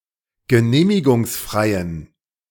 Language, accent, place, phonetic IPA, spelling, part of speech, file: German, Germany, Berlin, [ɡəˈneːmɪɡʊŋsˌfʁaɪ̯ən], genehmigungsfreien, adjective, De-genehmigungsfreien.ogg
- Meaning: inflection of genehmigungsfrei: 1. strong genitive masculine/neuter singular 2. weak/mixed genitive/dative all-gender singular 3. strong/weak/mixed accusative masculine singular